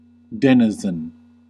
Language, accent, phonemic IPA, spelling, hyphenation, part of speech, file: English, US, /ˈdɛn ə zən/, denizen, den‧i‧zen, noun / verb, En-us-denizen.ogg
- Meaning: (noun) 1. An inhabitant of a place; one who dwells in a certain place 2. One who frequents a place